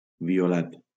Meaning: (adjective) violet (colour); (noun) the colour violet; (verb) past participle of violar
- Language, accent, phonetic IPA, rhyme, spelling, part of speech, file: Catalan, Valencia, [vi.oˈlat], -at, violat, adjective / noun / verb, LL-Q7026 (cat)-violat.wav